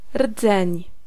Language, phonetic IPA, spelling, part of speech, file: Polish, [rd͡zɛ̃ɲ], rdzeń, noun, Pl-rdzeń.ogg